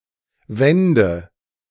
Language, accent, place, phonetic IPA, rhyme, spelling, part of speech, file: German, Germany, Berlin, [ˈvɛndə], -ɛndə, wände, verb, De-wände.ogg
- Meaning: first/third-person singular subjunctive II of winden